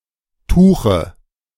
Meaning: nominative/accusative/genitive plural of Tuch
- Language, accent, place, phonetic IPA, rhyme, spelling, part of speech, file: German, Germany, Berlin, [ˈtuːxə], -uːxə, Tuche, noun, De-Tuche.ogg